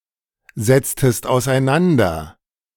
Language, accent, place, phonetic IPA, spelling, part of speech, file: German, Germany, Berlin, [zɛt͡stəst aʊ̯sʔaɪ̯ˈnandɐ], setztest auseinander, verb, De-setztest auseinander.ogg
- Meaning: inflection of auseinandersetzen: 1. second-person singular preterite 2. second-person singular subjunctive II